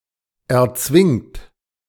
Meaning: inflection of erzwingen: 1. third-person singular present 2. second-person plural present 3. plural imperative
- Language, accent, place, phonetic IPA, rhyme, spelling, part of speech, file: German, Germany, Berlin, [ɛɐ̯ˈt͡svɪŋt], -ɪŋt, erzwingt, verb, De-erzwingt.ogg